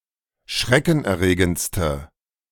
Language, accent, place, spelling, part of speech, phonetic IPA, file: German, Germany, Berlin, schreckenerregendste, adjective, [ˈʃʁɛkn̩ʔɛɐ̯ˌʁeːɡənt͡stə], De-schreckenerregendste.ogg
- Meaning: inflection of schreckenerregend: 1. strong/mixed nominative/accusative feminine singular superlative degree 2. strong nominative/accusative plural superlative degree